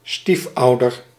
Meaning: a stepparent
- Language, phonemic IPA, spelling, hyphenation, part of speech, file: Dutch, /ˈstifˌɑu̯.dər/, stiefouder, stief‧ou‧der, noun, Nl-stiefouder.ogg